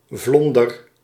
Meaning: 1. wooden walkway over a creek, a duckboard 2. wooden patio or floor
- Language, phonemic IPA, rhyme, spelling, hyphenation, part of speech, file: Dutch, /ˈvlɔn.dər/, -ɔndər, vlonder, vlon‧der, noun, Nl-vlonder.ogg